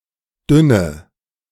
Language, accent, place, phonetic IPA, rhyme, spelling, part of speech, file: German, Germany, Berlin, [ˈdʏnə], -ʏnə, dünne, adjective, De-dünne.ogg
- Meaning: inflection of dünn: 1. strong/mixed nominative/accusative feminine singular 2. strong nominative/accusative plural 3. weak nominative all-gender singular 4. weak accusative feminine/neuter singular